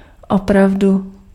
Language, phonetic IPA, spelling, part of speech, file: Czech, [ˈopravdu], opravdu, adverb, Cs-opravdu.ogg
- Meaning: really; indeed